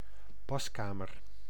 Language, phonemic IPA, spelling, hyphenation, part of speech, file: Dutch, /ˈpɑskamər/, paskamer, pas‧ka‧mer, noun, Nl-paskamer.ogg
- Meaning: a room for trying on clothes, a fitting room